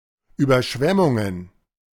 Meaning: plural of Überschwemmung
- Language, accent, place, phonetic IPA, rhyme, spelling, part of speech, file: German, Germany, Berlin, [yːbɐˈʃvɛmʊŋən], -ɛmʊŋən, Überschwemmungen, noun, De-Überschwemmungen.ogg